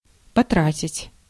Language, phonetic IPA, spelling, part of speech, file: Russian, [pɐˈtratʲɪtʲ], потратить, verb, Ru-потратить.ogg
- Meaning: 1. to spend, to expend 2. to waste 3. to fritter away (time)